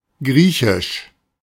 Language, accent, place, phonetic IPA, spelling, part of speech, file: German, Germany, Berlin, [ˈɡʁiːçɪʃ], griechisch, adjective, De-griechisch.ogg
- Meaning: Greek, Grecian, from or related to Greece